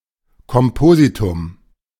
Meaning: 1. compound, compound word 2. composite pattern
- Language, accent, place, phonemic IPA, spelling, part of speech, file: German, Germany, Berlin, /kɔmˈpoːzitʊm/, Kompositum, noun, De-Kompositum.ogg